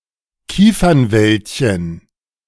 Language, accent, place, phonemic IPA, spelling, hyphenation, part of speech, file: German, Germany, Berlin, /ˈkiːfɐnˌvɛltçən/, Kiefernwäldchen, Kie‧fern‧wäld‧chen, noun, De-Kiefernwäldchen.ogg
- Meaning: diminutive of Kiefernwald